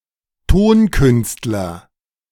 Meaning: 1. composer 2. musician
- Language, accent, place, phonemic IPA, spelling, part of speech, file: German, Germany, Berlin, /ˈtoːnˌkʏnstlɐ/, Tonkünstler, noun, De-Tonkünstler.ogg